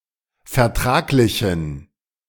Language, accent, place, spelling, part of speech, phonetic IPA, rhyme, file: German, Germany, Berlin, vertraglichen, adjective, [fɛɐ̯ˈtʁaːklɪçn̩], -aːklɪçn̩, De-vertraglichen.ogg
- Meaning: inflection of vertraglich: 1. strong genitive masculine/neuter singular 2. weak/mixed genitive/dative all-gender singular 3. strong/weak/mixed accusative masculine singular 4. strong dative plural